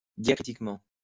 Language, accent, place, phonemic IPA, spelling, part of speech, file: French, France, Lyon, /dja.kʁi.tik.mɑ̃/, diacritiquement, adverb, LL-Q150 (fra)-diacritiquement.wav
- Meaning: diacritically